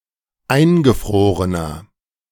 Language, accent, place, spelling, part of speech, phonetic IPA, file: German, Germany, Berlin, eingefrorener, adjective, [ˈaɪ̯nɡəˌfʁoːʁənɐ], De-eingefrorener.ogg
- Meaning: inflection of eingefroren: 1. strong/mixed nominative masculine singular 2. strong genitive/dative feminine singular 3. strong genitive plural